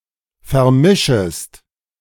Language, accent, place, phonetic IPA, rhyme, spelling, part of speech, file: German, Germany, Berlin, [fɛɐ̯ˈmɪʃəst], -ɪʃəst, vermischest, verb, De-vermischest.ogg
- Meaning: second-person singular subjunctive I of vermischen